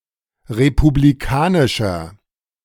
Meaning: 1. comparative degree of republikanisch 2. inflection of republikanisch: strong/mixed nominative masculine singular 3. inflection of republikanisch: strong genitive/dative feminine singular
- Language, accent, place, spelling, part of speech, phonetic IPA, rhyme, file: German, Germany, Berlin, republikanischer, adjective, [ʁepubliˈkaːnɪʃɐ], -aːnɪʃɐ, De-republikanischer.ogg